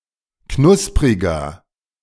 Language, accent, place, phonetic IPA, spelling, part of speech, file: German, Germany, Berlin, [ˈknʊspʁɪɡɐ], knuspriger, adjective, De-knuspriger.ogg
- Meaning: 1. comparative degree of knusprig 2. inflection of knusprig: strong/mixed nominative masculine singular 3. inflection of knusprig: strong genitive/dative feminine singular